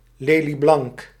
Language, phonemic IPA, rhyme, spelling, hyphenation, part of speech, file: Dutch, /ˌleː.liˈblɑŋk/, -ɑŋk, lelieblank, le‧lie‧blank, adjective, Nl-lelieblank.ogg
- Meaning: lily-white, pale white (now mainly referring to (pale) white skin tones)